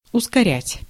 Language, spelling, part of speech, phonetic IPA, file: Russian, ускорять, verb, [ʊskɐˈrʲætʲ], Ru-ускорять.ogg
- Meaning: 1. to hasten, to quicken, to accelerate 2. to expedite, to speed up 3. to precipitate